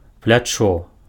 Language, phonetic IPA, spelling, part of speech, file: Belarusian, [plʲaˈt͡ʂo], плячо, noun, Be-плячо.ogg
- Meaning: shoulder